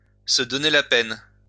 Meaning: to go to the trouble of, to take the trouble to, to bother to, to take the time to
- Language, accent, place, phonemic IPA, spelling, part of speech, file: French, France, Lyon, /sə dɔ.ne la pɛn/, se donner la peine, verb, LL-Q150 (fra)-se donner la peine.wav